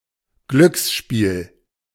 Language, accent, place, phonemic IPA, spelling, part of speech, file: German, Germany, Berlin, /ˈɡlʏksʃpiːl/, Glücksspiel, noun, De-Glücksspiel.ogg
- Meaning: 1. game of chance 2. gamble, gambling